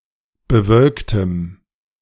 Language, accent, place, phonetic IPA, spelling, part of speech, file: German, Germany, Berlin, [bəˈvœlktəm], bewölktem, adjective, De-bewölktem.ogg
- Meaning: strong dative masculine/neuter singular of bewölkt